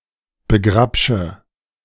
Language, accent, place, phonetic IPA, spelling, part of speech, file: German, Germany, Berlin, [bəˈɡʁapʃə], begrabsche, verb, De-begrabsche.ogg
- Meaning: inflection of begrabschen: 1. first-person singular present 2. first/third-person singular subjunctive I 3. singular imperative